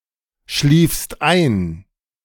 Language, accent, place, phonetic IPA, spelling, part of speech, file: German, Germany, Berlin, [ˌʃliːfst ˈaɪ̯n], schliefst ein, verb, De-schliefst ein.ogg
- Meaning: second-person singular preterite of einschlafen